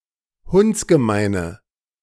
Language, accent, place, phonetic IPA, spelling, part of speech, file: German, Germany, Berlin, [ˈhʊnt͡sɡəˌmaɪ̯nə], hundsgemeine, adjective, De-hundsgemeine.ogg
- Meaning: inflection of hundsgemein: 1. strong/mixed nominative/accusative feminine singular 2. strong nominative/accusative plural 3. weak nominative all-gender singular